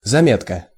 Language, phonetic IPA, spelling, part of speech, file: Russian, [zɐˈmʲetkə], заметка, noun, Ru-заметка.ogg
- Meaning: 1. note (memorandum) 2. a short article, item